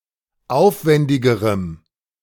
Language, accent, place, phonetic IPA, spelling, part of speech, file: German, Germany, Berlin, [ˈaʊ̯fˌvɛndɪɡəʁəm], aufwändigerem, adjective, De-aufwändigerem.ogg
- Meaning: strong dative masculine/neuter singular comparative degree of aufwändig